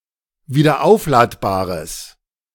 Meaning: strong/mixed nominative/accusative neuter singular of wiederaufladbar
- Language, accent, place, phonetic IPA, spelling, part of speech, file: German, Germany, Berlin, [viːdɐˈʔaʊ̯flaːtbaːʁəs], wiederaufladbares, adjective, De-wiederaufladbares.ogg